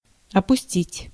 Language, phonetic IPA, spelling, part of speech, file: Russian, [ɐpʊˈsʲtʲitʲ], опустить, verb, Ru-опустить.ogg
- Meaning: 1. to let down, to lower, to sink (to allow to descend) 2. to omit, to leave out 3. to rape a man, making him an опу́щенный (opúščennyj, “bitch, punk”)